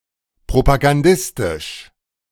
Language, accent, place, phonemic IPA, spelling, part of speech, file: German, Germany, Berlin, /pʁopaɡanˈdɪstɪʃ/, propagandistisch, adjective, De-propagandistisch.ogg
- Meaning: propagandist, propagandistic